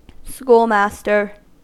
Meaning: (noun) 1. A male teacher 2. A male teacher.: A male teacher in charge of a school, usually a small one 3. Anything that teaches; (verb) To teach in the capacity of schoolmaster
- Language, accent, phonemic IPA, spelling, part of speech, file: English, US, /ˈskulˌmæstəɹ/, schoolmaster, noun / verb, En-us-schoolmaster.ogg